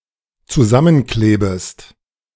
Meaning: second-person singular dependent subjunctive I of zusammenkleben
- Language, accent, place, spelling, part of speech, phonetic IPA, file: German, Germany, Berlin, zusammenklebest, verb, [t͡suˈzamənˌkleːbəst], De-zusammenklebest.ogg